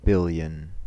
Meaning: Either of two large amounts: a thousand million (logic: 1,000 × 1,000²): 1 followed by nine zeros, 10⁹
- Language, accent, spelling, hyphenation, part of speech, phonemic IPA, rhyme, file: English, US, billion, bil‧lion, numeral, /ˈbɪljən/, -ɪljən, En-us-billion.ogg